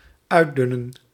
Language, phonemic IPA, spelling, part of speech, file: Dutch, /ˈœy̯ˌdʏnə(n)/, uitdunnen, verb, Nl-uitdunnen.ogg
- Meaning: to weed out, to cull